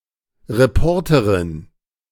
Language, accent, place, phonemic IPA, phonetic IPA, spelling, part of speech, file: German, Germany, Berlin, /ʁeˈpɔʁtəʁɪn/, [ʁeˈpʰɔɐ̯tʰɐʁɪn], Reporterin, noun, De-Reporterin.ogg
- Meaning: reporter (female)